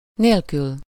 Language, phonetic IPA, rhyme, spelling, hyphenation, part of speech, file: Hungarian, [ˈneːlkyl], -yl, nélkül, nél‧kül, postposition, Hu-nélkül.ogg
- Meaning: without